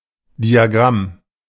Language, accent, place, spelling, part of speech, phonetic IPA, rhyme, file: German, Germany, Berlin, Diagramm, noun, [diaˈɡʁam], -am, De-Diagramm.ogg
- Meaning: 1. diagram 2. chart